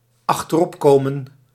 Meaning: to overtake, catch up with
- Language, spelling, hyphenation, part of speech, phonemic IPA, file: Dutch, achteropkomen, ach‧ter‧op‧ko‧men, verb, /ɑxtəˈrɔpˌkoːmə(n)/, Nl-achteropkomen.ogg